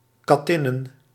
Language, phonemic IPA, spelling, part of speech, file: Dutch, /kɑˈtɪnə(n)/, kattinnen, noun, Nl-kattinnen.ogg
- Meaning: plural of kattin